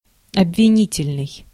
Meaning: accusative (producing accusations; accusatory)
- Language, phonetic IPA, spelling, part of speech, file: Russian, [ɐbvʲɪˈnʲitʲɪlʲnɨj], обвинительный, adjective, Ru-обвинительный.ogg